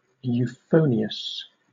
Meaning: Of sounds, especially speech: demonstrating or possessing euphony; agreeable to the ear; pleasant-sounding
- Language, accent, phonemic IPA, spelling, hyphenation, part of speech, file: English, Southern England, /juːˈfəʊ.nɪ.əs/, euphonious, eu‧pho‧ni‧ous, adjective, LL-Q1860 (eng)-euphonious.wav